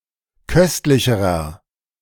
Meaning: inflection of köstlich: 1. strong/mixed nominative masculine singular comparative degree 2. strong genitive/dative feminine singular comparative degree 3. strong genitive plural comparative degree
- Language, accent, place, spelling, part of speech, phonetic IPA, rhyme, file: German, Germany, Berlin, köstlicherer, adjective, [ˈkœstlɪçəʁɐ], -œstlɪçəʁɐ, De-köstlicherer.ogg